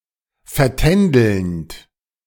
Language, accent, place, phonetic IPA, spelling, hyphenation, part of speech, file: German, Germany, Berlin, [fɛɐ̯.ˈtɛn.dəlnt], vertändelnd, ver‧tän‧delnd, verb, De-vertändelnd.ogg
- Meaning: present participle of vertändeln